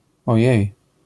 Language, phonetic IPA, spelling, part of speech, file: Polish, [ɔˈjɛ̇j], ojej, interjection, LL-Q809 (pol)-ojej.wav